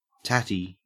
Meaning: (noun) A potato; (adjective) Tattered; dilapidated, distressed, worn-out, torn; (noun) A woven mat or screen hung at a door or window and kept wet to moisten and cool the air as it enters
- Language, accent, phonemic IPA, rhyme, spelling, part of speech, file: English, Australia, /ˈtæti/, -æti, tatty, noun / adjective, En-au-tatty.ogg